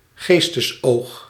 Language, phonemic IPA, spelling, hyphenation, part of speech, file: Dutch, /ˈɣeːstəsˌoːx/, geestesoog, gees‧tes‧oog, noun, Nl-geestesoog.ogg
- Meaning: mental faculty of visualisation or imagination, mind's eye